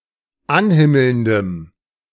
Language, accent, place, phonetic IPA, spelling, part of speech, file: German, Germany, Berlin, [ˈanˌhɪml̩ndəm], anhimmelndem, adjective, De-anhimmelndem.ogg
- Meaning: strong dative masculine/neuter singular of anhimmelnd